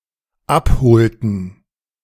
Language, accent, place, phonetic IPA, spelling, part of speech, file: German, Germany, Berlin, [ˈapˌhoːltn̩], abholten, verb, De-abholten.ogg
- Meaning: inflection of abholen: 1. first/third-person plural dependent preterite 2. first/third-person plural dependent subjunctive II